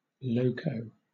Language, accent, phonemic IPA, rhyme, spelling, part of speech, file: English, Southern England, /ˈləʊ.kəʊ/, -əʊkəʊ, loco, adverb / adjective / noun / verb, LL-Q1860 (eng)-loco.wav
- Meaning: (adverb) A direction in written or printed music to be returning to the proper pitch after having played an octave higher or lower; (adjective) 1. Crazy 2. Intoxicated by eating locoweed